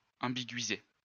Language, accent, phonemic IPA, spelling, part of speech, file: French, France, /ɑ̃.bi.ɡɥi.ze/, ambiguïser, verb, LL-Q150 (fra)-ambiguïser.wav
- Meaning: to ambiguate